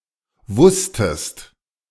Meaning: second-person singular preterite of wissen
- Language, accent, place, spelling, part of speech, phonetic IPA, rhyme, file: German, Germany, Berlin, wusstest, verb, [ˈvʊstəst], -ʊstəst, De-wusstest.ogg